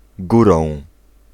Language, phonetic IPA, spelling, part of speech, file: Polish, [ˈɡurɔ̃w̃], górą, adverb / noun, Pl-górą.ogg